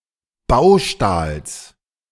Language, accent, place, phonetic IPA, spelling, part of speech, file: German, Germany, Berlin, [ˈbaʊ̯ˌʃtaːls], Baustahls, noun, De-Baustahls.ogg
- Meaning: genitive singular of Baustahl